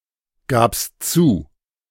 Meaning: second-person singular preterite of zugeben
- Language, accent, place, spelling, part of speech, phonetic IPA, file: German, Germany, Berlin, gabst zu, verb, [ˌɡaːpst ˈt͡suː], De-gabst zu.ogg